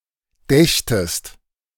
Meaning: second-person singular subjunctive II of denken
- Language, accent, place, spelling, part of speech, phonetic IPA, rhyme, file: German, Germany, Berlin, dächtest, verb, [ˈdɛçtəst], -ɛçtəst, De-dächtest.ogg